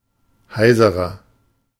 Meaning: 1. comparative degree of heiser 2. inflection of heiser: strong/mixed nominative masculine singular 3. inflection of heiser: strong genitive/dative feminine singular
- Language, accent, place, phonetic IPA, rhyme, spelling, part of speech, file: German, Germany, Berlin, [ˈhaɪ̯zəʁɐ], -aɪ̯zəʁɐ, heiserer, adjective, De-heiserer.ogg